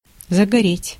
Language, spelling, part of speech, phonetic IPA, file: Russian, загореть, verb, [zəɡɐˈrʲetʲ], Ru-загореть.ogg
- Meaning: to acquire a tan